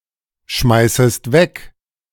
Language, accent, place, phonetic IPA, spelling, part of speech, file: German, Germany, Berlin, [ˌʃmaɪ̯səst ˈvɛk], schmeißest weg, verb, De-schmeißest weg.ogg
- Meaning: second-person singular subjunctive I of wegschmeißen